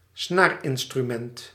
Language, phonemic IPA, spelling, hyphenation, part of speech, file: Dutch, /ˈsnarɪnstryˌmɛnt/, snaarinstrument, snaar‧in‧stru‧ment, noun, Nl-snaarinstrument.ogg
- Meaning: string instrument